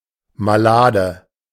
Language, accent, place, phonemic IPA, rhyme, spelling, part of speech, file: German, Germany, Berlin, /maˈlaːdə/, -aːdə, malade, adjective, De-malade.ogg
- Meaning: ill, unwell, sick